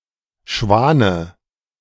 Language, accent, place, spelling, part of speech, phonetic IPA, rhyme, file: German, Germany, Berlin, Schwane, noun, [ˈʃvaːnə], -aːnə, De-Schwane.ogg
- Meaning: dative of Schwan